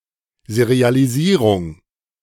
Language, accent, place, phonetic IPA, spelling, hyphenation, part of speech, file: German, Germany, Berlin, [sɛʁɪalɪsiːʁuŋ], Serialisierung, Se‧ri‧a‧li‧sie‧rung, noun, De-Serialisierung.ogg
- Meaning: serialisation